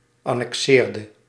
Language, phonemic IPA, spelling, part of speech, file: Dutch, /ˌɑnɛkˈsɪːrdə/, annexeerde, verb, Nl-annexeerde.ogg
- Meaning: inflection of annexeren: 1. singular past indicative 2. singular past subjunctive